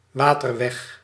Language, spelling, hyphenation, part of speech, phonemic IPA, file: Dutch, waterweg, wa‧ter‧weg, noun, /ˈʋaː.tərˌʋɛx/, Nl-waterweg.ogg
- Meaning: 1. waterway (navigable body of water) 2. water route (route over a waterway)